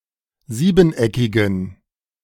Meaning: inflection of siebeneckig: 1. strong genitive masculine/neuter singular 2. weak/mixed genitive/dative all-gender singular 3. strong/weak/mixed accusative masculine singular 4. strong dative plural
- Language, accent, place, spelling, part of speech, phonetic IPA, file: German, Germany, Berlin, siebeneckigen, adjective, [ˈziːbn̩ˌʔɛkɪɡn̩], De-siebeneckigen.ogg